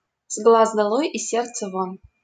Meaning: 1. out of sight, out of mind 2. long absent, soon forgotten
- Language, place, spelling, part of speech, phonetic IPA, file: Russian, Saint Petersburg, с глаз долой — из сердца вон, proverb, [ˈz‿ɡɫaz dɐˈɫoj | ɪsʲ‿ˈsʲert͡sə von], LL-Q7737 (rus)-с глаз долой — из сердца вон.wav